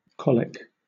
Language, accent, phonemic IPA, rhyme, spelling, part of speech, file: English, Southern England, /ˈkɒl.ɪk/, -ɒlɪk, colic, noun / adjective, LL-Q1860 (eng)-colic.wav
- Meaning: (noun) Severe pains that grip the abdomen or the disease that causes such pains (due to intestinal or bowel-related problems)